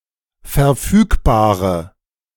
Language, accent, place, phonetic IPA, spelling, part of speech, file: German, Germany, Berlin, [fɛɐ̯ˈfyːkbaːʁə], verfügbare, adjective, De-verfügbare.ogg
- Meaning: inflection of verfügbar: 1. strong/mixed nominative/accusative feminine singular 2. strong nominative/accusative plural 3. weak nominative all-gender singular